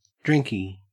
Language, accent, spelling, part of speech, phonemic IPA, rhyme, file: English, Australia, drinkie, noun, /ˈdɹɪŋki/, -ɪŋki, En-au-drinkie.ogg
- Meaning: drink